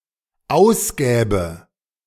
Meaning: first/third-person singular dependent subjunctive II of ausgeben
- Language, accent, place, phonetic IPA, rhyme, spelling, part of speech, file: German, Germany, Berlin, [ˈaʊ̯sˌɡɛːbə], -aʊ̯sɡɛːbə, ausgäbe, verb, De-ausgäbe.ogg